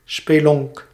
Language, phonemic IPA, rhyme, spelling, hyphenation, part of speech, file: Dutch, /speːˈlɔnk/, -ɔnk, spelonk, spe‧lonk, noun, Nl-spelonk.ogg
- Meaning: 1. grotto 2. bad, dank, poorly-lit housing